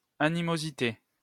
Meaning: animosity
- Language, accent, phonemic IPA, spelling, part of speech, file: French, France, /a.ni.mo.zi.te/, animosité, noun, LL-Q150 (fra)-animosité.wav